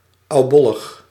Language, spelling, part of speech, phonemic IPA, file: Dutch, oubollig, adverb, /ɑuˈbɔləx/, Nl-oubollig.ogg
- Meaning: 1. old-fashioned, dated, anachronistic 2. corny